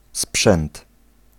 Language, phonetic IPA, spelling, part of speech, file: Polish, [spʃɛ̃nt], sprzęt, noun, Pl-sprzęt.ogg